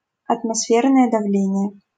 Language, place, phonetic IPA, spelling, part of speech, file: Russian, Saint Petersburg, [ɐtmɐˈsfʲernəjə dɐˈvlʲenʲɪje], атмосферное давление, noun, LL-Q7737 (rus)-атмосферное давление.wav
- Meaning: atmospheric pressure